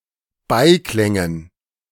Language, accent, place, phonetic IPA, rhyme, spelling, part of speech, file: German, Germany, Berlin, [ˈbaɪ̯ˌklɛŋən], -aɪ̯klɛŋən, Beiklängen, noun, De-Beiklängen.ogg
- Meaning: dative plural of Beiklang